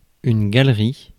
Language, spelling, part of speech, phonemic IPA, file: French, galerie, noun, /ɡal.ʁi/, Fr-galerie.ogg
- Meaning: 1. gallery 2. a type of porch common in the American South, veranda